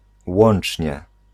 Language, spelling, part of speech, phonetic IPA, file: Polish, łącznie, adverb, [ˈwɔ̃n͇t͡ʃʲɲɛ], Pl-łącznie.ogg